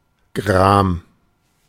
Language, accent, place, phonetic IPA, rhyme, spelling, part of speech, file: German, Germany, Berlin, [ɡʁaːm], -aːm, gram, adjective, De-gram.ogg
- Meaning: angry